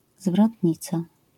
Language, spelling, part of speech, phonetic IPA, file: Polish, zwrotnica, noun, [zvrɔtʲˈɲit͡sa], LL-Q809 (pol)-zwrotnica.wav